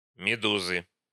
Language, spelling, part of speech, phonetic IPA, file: Russian, медузы, noun, [mʲɪˈduzɨ], Ru-медузы.ogg
- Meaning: inflection of меду́за (medúza): 1. genitive singular 2. nominative plural